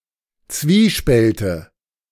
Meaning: nominative/accusative/genitive plural of Zwiespalt
- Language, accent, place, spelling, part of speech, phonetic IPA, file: German, Germany, Berlin, Zwiespälte, noun, [ˈt͡sviːˌʃpɛltə], De-Zwiespälte.ogg